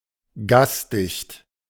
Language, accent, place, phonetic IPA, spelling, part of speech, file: German, Germany, Berlin, [ˈɡaːsˌdɪçt], gasdicht, adjective, De-gasdicht.ogg
- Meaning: gastight